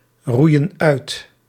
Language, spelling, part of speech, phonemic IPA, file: Dutch, roeien uit, verb, /ˈrujə(n) ˈœyt/, Nl-roeien uit.ogg
- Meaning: inflection of uitroeien: 1. plural present indicative 2. plural present subjunctive